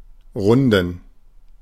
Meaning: 1. to round (make round, form into a curve) 2. to round (approximate a number) 3. to be or become round 4. to be completed or perfected 5. inflection of rund: strong genitive masculine/neuter singular
- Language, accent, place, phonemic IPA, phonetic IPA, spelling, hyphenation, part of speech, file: German, Germany, Berlin, /ˈʁʊndən/, [ˈʁʊn.dn̩], runden, run‧den, verb, De-runden.ogg